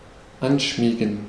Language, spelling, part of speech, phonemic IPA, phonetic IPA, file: German, anschmiegen, verb, /ˈanˌʃmiːɡən/, [ˈʔanˌʃmiːɡŋ̍], De-anschmiegen.ogg
- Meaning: to nestle, to snuggle